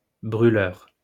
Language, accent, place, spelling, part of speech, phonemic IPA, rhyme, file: French, France, Lyon, brûleur, noun, /bʁy.lœʁ/, -œʁ, LL-Q150 (fra)-brûleur.wav
- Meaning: 1. burner (someone that burns something) 2. burner (equipment for burning)